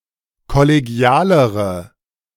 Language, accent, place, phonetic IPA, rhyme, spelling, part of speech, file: German, Germany, Berlin, [kɔleˈɡi̯aːləʁə], -aːləʁə, kollegialere, adjective, De-kollegialere.ogg
- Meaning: inflection of kollegial: 1. strong/mixed nominative/accusative feminine singular comparative degree 2. strong nominative/accusative plural comparative degree